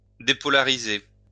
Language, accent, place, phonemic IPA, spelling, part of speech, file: French, France, Lyon, /de.pɔ.la.ʁi.ze/, dépolariser, verb, LL-Q150 (fra)-dépolariser.wav
- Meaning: to depolarize